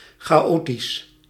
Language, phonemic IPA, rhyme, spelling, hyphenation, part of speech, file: Dutch, /ˌxaːˈoː.tis/, -oːtis, chaotisch, cha‧o‧tisch, adjective, Nl-chaotisch.ogg
- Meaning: chaotic